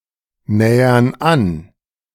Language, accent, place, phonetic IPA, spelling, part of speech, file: German, Germany, Berlin, [ˌnɛːɐn ˈan], nähern an, verb, De-nähern an.ogg
- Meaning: inflection of annähern: 1. first/third-person plural present 2. first/third-person plural subjunctive I